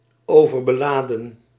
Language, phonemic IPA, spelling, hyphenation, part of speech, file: Dutch, /ˌoː.vər.bəˈlaː.də(n)/, overbeladen, over‧be‧la‧den, verb, Nl-overbeladen.ogg
- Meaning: 1. to overcharge 2. to burden, to encumber excessively 3. to pack, to pile excessively